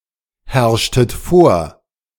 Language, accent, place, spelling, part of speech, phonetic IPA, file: German, Germany, Berlin, herrschtet vor, verb, [ˌhɛʁʃtət ˈfoːɐ̯], De-herrschtet vor.ogg
- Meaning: inflection of vorherrschen: 1. second-person plural preterite 2. second-person plural subjunctive II